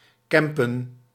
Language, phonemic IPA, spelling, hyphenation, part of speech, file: Dutch, /ˈkɛm.pə(n)/, kempen, kem‧pen, verb, Nl-kempen.ogg
- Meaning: alternative form of kampen